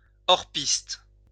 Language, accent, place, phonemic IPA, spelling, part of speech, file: French, France, Lyon, /ɔʁ.pist/, hors-piste, noun, LL-Q150 (fra)-hors-piste.wav
- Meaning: off-piste